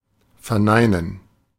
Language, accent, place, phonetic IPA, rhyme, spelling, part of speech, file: German, Germany, Berlin, [fɛɐ̯ˈnaɪ̯nən], -aɪ̯nən, verneinen, verb, De-verneinen.ogg
- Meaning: 1. to negate 2. to say no